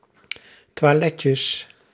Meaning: plural of toiletje
- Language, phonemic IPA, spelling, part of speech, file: Dutch, /twaˈlɛcəs/, toiletjes, noun, Nl-toiletjes.ogg